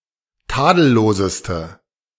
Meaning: inflection of tadellos: 1. strong/mixed nominative/accusative feminine singular superlative degree 2. strong nominative/accusative plural superlative degree
- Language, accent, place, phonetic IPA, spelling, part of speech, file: German, Germany, Berlin, [ˈtaːdl̩ˌloːzəstə], tadelloseste, adjective, De-tadelloseste.ogg